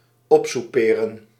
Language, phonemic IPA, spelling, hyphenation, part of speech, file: Dutch, /ˈɔp.suˌpeː.rə(n)/, opsouperen, op‧sou‧pe‧ren, verb, Nl-opsouperen.ogg
- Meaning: 1. to use up (allowance, quota, etc.) 2. to waste, to run out of (money, etc.) 3. to squander